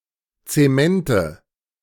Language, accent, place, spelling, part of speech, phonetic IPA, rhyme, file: German, Germany, Berlin, Zemente, noun, [t͡seˈmɛntə], -ɛntə, De-Zemente.ogg
- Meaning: nominative/accusative/genitive plural of Zement